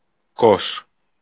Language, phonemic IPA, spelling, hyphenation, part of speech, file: Greek, /kos/, Κως, Κως, proper noun, El-Κως.ogg
- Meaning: 1. Kos (an island of the Dodecanese) 2. Kos (largest town on the above island)